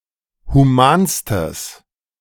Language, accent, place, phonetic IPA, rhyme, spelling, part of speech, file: German, Germany, Berlin, [huˈmaːnstəs], -aːnstəs, humanstes, adjective, De-humanstes.ogg
- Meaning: strong/mixed nominative/accusative neuter singular superlative degree of human